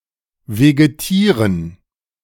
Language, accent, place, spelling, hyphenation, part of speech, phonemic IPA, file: German, Germany, Berlin, vegetieren, ve‧ge‧tie‧ren, verb, /veɡeˈtiːʁən/, De-vegetieren.ogg
- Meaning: to vegetate